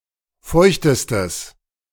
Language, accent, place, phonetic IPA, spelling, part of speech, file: German, Germany, Berlin, [ˈfɔɪ̯çtəstəs], feuchtestes, adjective, De-feuchtestes.ogg
- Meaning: strong/mixed nominative/accusative neuter singular superlative degree of feucht